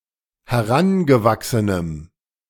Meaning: strong dative masculine/neuter singular of herangewachsen
- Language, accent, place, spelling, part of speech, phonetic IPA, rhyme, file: German, Germany, Berlin, herangewachsenem, adjective, [hɛˈʁanɡəˌvaksənəm], -anɡəvaksənəm, De-herangewachsenem.ogg